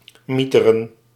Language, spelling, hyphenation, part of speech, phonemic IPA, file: Dutch, mieteren, mie‧te‧ren, verb, /ˈmi.tə.rə(n)/, Nl-mieteren.ogg
- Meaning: 1. to hurl 2. to fall, to plunge